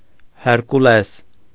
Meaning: Hercules
- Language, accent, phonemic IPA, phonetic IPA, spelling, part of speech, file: Armenian, Eastern Armenian, /heɾkuˈles/, [heɾkulés], Հերկուլես, proper noun, Hy-Հերկուլես.ogg